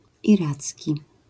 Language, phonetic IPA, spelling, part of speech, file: Polish, [iˈrat͡sʲci], iracki, adjective, LL-Q809 (pol)-iracki.wav